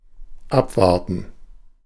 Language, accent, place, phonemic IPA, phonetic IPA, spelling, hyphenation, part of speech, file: German, Germany, Berlin, /ˈapˌvaʁtən/, [ˈʔapˌvaɐ̯tn̩], abwarten, ab‧war‧ten, verb, De-abwarten.ogg
- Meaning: 1. to await; to wait for 2. to wait and see (await the course of events before taking action) 3. to wait through (until the end) 4. to wait around, to be patient